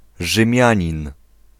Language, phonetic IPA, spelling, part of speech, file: Polish, [ʒɨ̃ˈmʲjä̃ɲĩn], Rzymianin, noun, Pl-Rzymianin.ogg